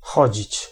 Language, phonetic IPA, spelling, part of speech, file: Polish, [ˈxɔd͡ʑit͡ɕ], chodzić, verb, Pl-chodzić.ogg